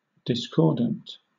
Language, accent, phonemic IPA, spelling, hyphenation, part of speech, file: English, Southern England, /dɪsˈkɔːdn̩t/, discordant, dis‧cord‧ant, adjective / noun, LL-Q1860 (eng)-discordant.wav
- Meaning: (adjective) 1. Not in accord or harmony; conflicting, incompatible 2. Not in accord or harmony; conflicting, incompatible.: Of people: disagreeing with each other; dissenting, quarrelsome